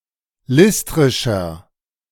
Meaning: inflection of listrisch: 1. strong/mixed nominative masculine singular 2. strong genitive/dative feminine singular 3. strong genitive plural
- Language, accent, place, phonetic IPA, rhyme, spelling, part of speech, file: German, Germany, Berlin, [ˈlɪstʁɪʃɐ], -ɪstʁɪʃɐ, listrischer, adjective, De-listrischer.ogg